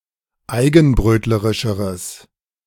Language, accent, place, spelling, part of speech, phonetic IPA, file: German, Germany, Berlin, eigenbrötlerischeres, adjective, [ˈaɪ̯ɡn̩ˌbʁøːtləʁɪʃəʁəs], De-eigenbrötlerischeres.ogg
- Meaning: strong/mixed nominative/accusative neuter singular comparative degree of eigenbrötlerisch